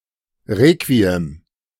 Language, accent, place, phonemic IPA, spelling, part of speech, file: German, Germany, Berlin, /ˈʁeːkviɛm/, Requiem, noun, De-Requiem.ogg
- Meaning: 1. requiem (a mass or other ceremony to honor and remember a dead person) 2. requiem (a musical composition for such a mass) 3. requiem (a piece of music composed to honor a dead person)